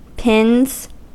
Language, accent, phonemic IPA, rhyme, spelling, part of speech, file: English, US, /pɪnz/, -ɪnz, pins, noun / verb, En-us-pins.ogg
- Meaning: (noun) plural of pin; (verb) third-person singular simple present indicative of pin